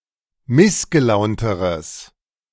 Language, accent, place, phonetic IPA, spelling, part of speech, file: German, Germany, Berlin, [ˈmɪsɡəˌlaʊ̯ntəʁəs], missgelaunteres, adjective, De-missgelaunteres.ogg
- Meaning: strong/mixed nominative/accusative neuter singular comparative degree of missgelaunt